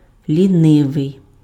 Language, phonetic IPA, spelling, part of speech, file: Ukrainian, [lʲiˈnɪʋei̯], лінивий, adjective, Uk-лінивий.ogg
- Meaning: lazy